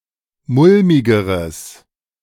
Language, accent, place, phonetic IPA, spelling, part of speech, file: German, Germany, Berlin, [ˈmʊlmɪɡəʁəs], mulmigeres, adjective, De-mulmigeres.ogg
- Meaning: strong/mixed nominative/accusative neuter singular comparative degree of mulmig